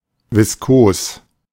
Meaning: 1. viscous 2. viscid
- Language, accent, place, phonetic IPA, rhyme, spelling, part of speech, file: German, Germany, Berlin, [vɪsˈkoːs], -oːs, viskos, adjective, De-viskos.ogg